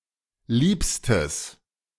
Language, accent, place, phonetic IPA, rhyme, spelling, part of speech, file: German, Germany, Berlin, [ˈliːpstəs], -iːpstəs, liebstes, adjective, De-liebstes.ogg
- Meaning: strong/mixed nominative/accusative neuter singular superlative degree of lieb